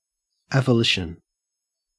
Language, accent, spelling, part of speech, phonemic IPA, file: English, Australia, avolition, noun, /ˌeɪvəˈlɪʃən/, En-au-avolition.ogg
- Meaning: Lack of initiative or goals; one of the negative symptoms of schizophrenia. The person may wish to do something, but the desire is without power or energy